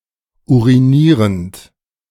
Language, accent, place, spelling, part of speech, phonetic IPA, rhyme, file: German, Germany, Berlin, urinierend, verb, [ˌuʁiˈniːʁənt], -iːʁənt, De-urinierend.ogg
- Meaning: present participle of urinieren